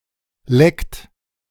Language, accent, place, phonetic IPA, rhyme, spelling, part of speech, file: German, Germany, Berlin, [lɛkt], -ɛkt, leckt, verb, De-leckt.ogg
- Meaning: inflection of lecken: 1. third-person singular present 2. second-person plural present 3. plural imperative